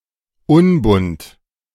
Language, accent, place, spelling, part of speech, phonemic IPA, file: German, Germany, Berlin, unbunt, adjective, /ˈʊnbʊnt/, De-unbunt.ogg
- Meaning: achromatic, colourless